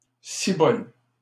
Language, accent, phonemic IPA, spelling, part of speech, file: French, Canada, /si.bɔl/, cibole, interjection, LL-Q150 (fra)-cibole.wav
- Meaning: euphemistic form of ciboire